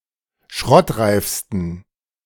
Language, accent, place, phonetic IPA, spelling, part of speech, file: German, Germany, Berlin, [ˈʃʁɔtˌʁaɪ̯fstn̩], schrottreifsten, adjective, De-schrottreifsten.ogg
- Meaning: 1. superlative degree of schrottreif 2. inflection of schrottreif: strong genitive masculine/neuter singular superlative degree